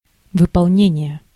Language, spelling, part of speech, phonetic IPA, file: Russian, выполнение, noun, [vɨpɐɫˈnʲenʲɪje], Ru-выполнение.ogg
- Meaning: 1. fulfillment, realization, implementation, carrying out, execution (action) 2. accomplishment, realization (result) 3. creation, production